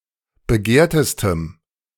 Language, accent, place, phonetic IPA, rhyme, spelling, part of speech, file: German, Germany, Berlin, [bəˈɡeːɐ̯təstəm], -eːɐ̯təstəm, begehrtestem, adjective, De-begehrtestem.ogg
- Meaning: strong dative masculine/neuter singular superlative degree of begehrt